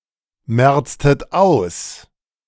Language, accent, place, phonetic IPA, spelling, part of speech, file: German, Germany, Berlin, [ˌmɛʁt͡stət ˈaʊ̯s], merztet aus, verb, De-merztet aus.ogg
- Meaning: inflection of ausmerzen: 1. second-person plural preterite 2. second-person plural subjunctive II